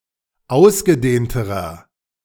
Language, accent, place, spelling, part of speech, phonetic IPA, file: German, Germany, Berlin, ausgedehnterer, adjective, [ˈaʊ̯sɡəˌdeːntəʁɐ], De-ausgedehnterer.ogg
- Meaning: inflection of ausgedehnt: 1. strong/mixed nominative masculine singular comparative degree 2. strong genitive/dative feminine singular comparative degree 3. strong genitive plural comparative degree